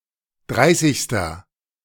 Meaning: inflection of dreißigste: 1. strong/mixed nominative masculine singular 2. strong genitive/dative feminine singular 3. strong genitive plural
- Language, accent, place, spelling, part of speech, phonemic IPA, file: German, Germany, Berlin, dreißigster, numeral, /ˈdʁaɪ̯sɪçstɐ/, De-dreißigster.ogg